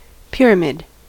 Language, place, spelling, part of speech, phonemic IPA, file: English, California, pyramid, noun / verb, /ˈpɪɹ.ə.mɪd/, En-us-pyramid.ogg
- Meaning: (noun) An ancient massive construction with a square or rectangular base and four triangular sides meeting in an apex, such as those built as tombs in Egypt or as bases for temples in Mesoamerica